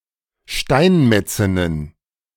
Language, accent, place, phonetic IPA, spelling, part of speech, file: German, Germany, Berlin, [ˈʃtaɪ̯nˌmɛt͡sɪnən], Steinmetzinnen, noun, De-Steinmetzinnen.ogg
- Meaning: plural of Steinmetzin